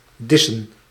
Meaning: 1. to leave, to go away 2. to diss (to insult someone by being disrespectful)
- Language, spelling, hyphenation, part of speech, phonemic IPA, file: Dutch, dissen, dis‧sen, verb, /ˈdɪsə(n)/, Nl-dissen.ogg